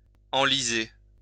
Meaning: 1. to get (a ship or vehicle) stuck in mud, sand etc 2. to get stuck in mud, sand etc 3. to get bogged down 4. to sink deeper (into a hole of e.g. lies)
- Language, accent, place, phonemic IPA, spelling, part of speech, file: French, France, Lyon, /ɑ̃.li.ze/, enliser, verb, LL-Q150 (fra)-enliser.wav